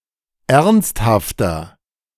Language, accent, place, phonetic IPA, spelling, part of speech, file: German, Germany, Berlin, [ˈɛʁnsthaftɐ], ernsthafter, adjective, De-ernsthafter.ogg
- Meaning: inflection of ernsthaft: 1. strong/mixed nominative masculine singular 2. strong genitive/dative feminine singular 3. strong genitive plural